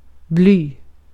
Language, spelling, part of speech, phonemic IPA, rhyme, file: Swedish, bly, noun, /blyː/, -yː, Sv-bly.ogg
- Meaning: lead (chemical element)